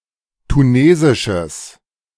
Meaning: strong/mixed nominative/accusative neuter singular of tunesisch
- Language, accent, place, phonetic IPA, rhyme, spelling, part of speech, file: German, Germany, Berlin, [tuˈneːzɪʃəs], -eːzɪʃəs, tunesisches, adjective, De-tunesisches.ogg